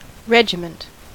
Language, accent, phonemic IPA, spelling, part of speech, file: English, US, /ˈɹɛd͡ʒɪmənt/, regiment, noun / verb, En-us-regiment.ogg
- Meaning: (noun) 1. A unit of armed troops under the command of an officer, and consisting of several smaller units 2. Rule or governance over a person, place etc.; government, authority